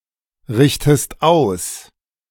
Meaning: inflection of ausrichten: 1. second-person singular present 2. second-person singular subjunctive I
- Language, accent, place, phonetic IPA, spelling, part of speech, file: German, Germany, Berlin, [ˌʁɪçtəst ˈaʊ̯s], richtest aus, verb, De-richtest aus.ogg